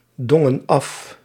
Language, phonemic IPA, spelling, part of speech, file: Dutch, /ˈdɔŋə(n) ˈɑf/, dongen af, verb, Nl-dongen af.ogg
- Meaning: inflection of afdingen: 1. plural past indicative 2. plural past subjunctive